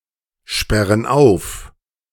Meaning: inflection of aufsperren: 1. first/third-person plural present 2. first/third-person plural subjunctive I
- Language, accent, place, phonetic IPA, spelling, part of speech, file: German, Germany, Berlin, [ˌʃpɛʁən ˈaʊ̯f], sperren auf, verb, De-sperren auf.ogg